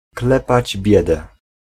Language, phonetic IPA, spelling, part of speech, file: Polish, [ˈklɛpad͡ʑ ˈbʲjɛdɛ], klepać biedę, phrase, Pl-klepać biedę.ogg